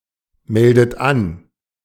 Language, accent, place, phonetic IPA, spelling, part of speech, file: German, Germany, Berlin, [ˌmɛldət ˈan], meldet an, verb, De-meldet an.ogg
- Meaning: inflection of anmelden: 1. third-person singular present 2. second-person plural present 3. second-person plural subjunctive I 4. plural imperative